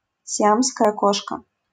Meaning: Siamese cat (mammal)
- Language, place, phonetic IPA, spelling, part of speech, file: Russian, Saint Petersburg, [sʲɪˈamskəjə ˈkoʂkə], сиамская кошка, noun, LL-Q7737 (rus)-сиамская кошка.wav